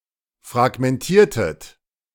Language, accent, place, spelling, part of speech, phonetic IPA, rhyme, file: German, Germany, Berlin, fragmentiertet, verb, [fʁaɡmɛnˈtiːɐ̯tət], -iːɐ̯tət, De-fragmentiertet.ogg
- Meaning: inflection of fragmentieren: 1. second-person plural preterite 2. second-person plural subjunctive II